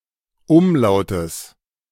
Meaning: genitive singular of Umlaut
- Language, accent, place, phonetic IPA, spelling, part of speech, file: German, Germany, Berlin, [ˈʊmˌlaʊ̯təs], Umlautes, noun, De-Umlautes.ogg